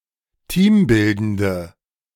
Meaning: inflection of teambildend: 1. strong/mixed nominative/accusative feminine singular 2. strong nominative/accusative plural 3. weak nominative all-gender singular
- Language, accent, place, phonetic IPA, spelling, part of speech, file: German, Germany, Berlin, [ˈtiːmˌbɪldəndə], teambildende, adjective, De-teambildende.ogg